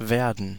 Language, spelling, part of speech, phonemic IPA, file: German, werden, verb, /ˈveːʁdən/, De-werden.ogg
- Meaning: 1. will, to be going to, forms the future tense 2. would; forms the subjunctive tense of most verbs 3. to be done; forms the passive voice 4. to become; to get; to grow; to turn